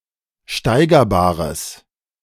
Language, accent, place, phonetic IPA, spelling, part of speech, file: German, Germany, Berlin, [ˈʃtaɪ̯ɡɐˌbaːʁəs], steigerbares, adjective, De-steigerbares.ogg
- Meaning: strong/mixed nominative/accusative neuter singular of steigerbar